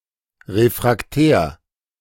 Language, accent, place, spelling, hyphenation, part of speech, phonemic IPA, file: German, Germany, Berlin, refraktär, re‧frak‧tär, adjective, /ˌʁefʁakˈtɛːɐ̯/, De-refraktär.ogg
- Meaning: refractory